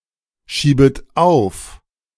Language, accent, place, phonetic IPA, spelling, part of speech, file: German, Germany, Berlin, [ˌʃiːbət ˈaʊ̯f], schiebet auf, verb, De-schiebet auf.ogg
- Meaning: second-person plural subjunctive I of aufschieben